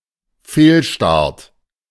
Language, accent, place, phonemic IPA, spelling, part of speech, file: German, Germany, Berlin, /ˈfeːlʃtaʁt/, Fehlstart, noun, De-Fehlstart.ogg
- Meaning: 1. false start (starting before the signal) 2. failure at launch, start